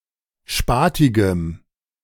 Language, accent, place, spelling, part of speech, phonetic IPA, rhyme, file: German, Germany, Berlin, spatigem, adjective, [ˈʃpaːtɪɡəm], -aːtɪɡəm, De-spatigem.ogg
- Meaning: strong dative masculine/neuter singular of spatig